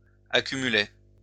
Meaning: third-person singular imperfect indicative of accumuler
- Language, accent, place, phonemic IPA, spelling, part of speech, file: French, France, Lyon, /a.ky.my.lɛ/, accumulait, verb, LL-Q150 (fra)-accumulait.wav